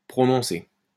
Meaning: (verb) past participle of prononcer; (adjective) strong, distinct, marked
- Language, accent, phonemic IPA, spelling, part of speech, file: French, France, /pʁɔ.nɔ̃.se/, prononcé, verb / adjective, LL-Q150 (fra)-prononcé.wav